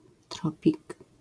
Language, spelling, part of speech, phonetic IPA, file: Polish, tropik, noun, [ˈtrɔpʲik], LL-Q809 (pol)-tropik.wav